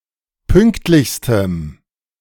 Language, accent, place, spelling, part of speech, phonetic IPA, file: German, Germany, Berlin, pünktlichstem, adjective, [ˈpʏŋktlɪçstəm], De-pünktlichstem.ogg
- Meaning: strong dative masculine/neuter singular superlative degree of pünktlich